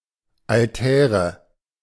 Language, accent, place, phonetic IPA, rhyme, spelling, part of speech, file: German, Germany, Berlin, [alˈtɛːʁə], -ɛːʁə, Altäre, noun, De-Altäre.ogg
- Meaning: nominative/accusative/genitive plural of Altar